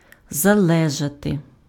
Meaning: to depend, to be dependent (on sb/sth: + від (vid) + genitive case)
- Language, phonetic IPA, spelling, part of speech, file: Ukrainian, [zɐˈɫɛʒɐte], залежати, verb, Uk-залежати.ogg